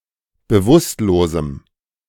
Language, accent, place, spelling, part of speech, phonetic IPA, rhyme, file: German, Germany, Berlin, bewusstlosem, adjective, [bəˈvʊstloːzm̩], -ʊstloːzm̩, De-bewusstlosem.ogg
- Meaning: strong dative masculine/neuter singular of bewusstlos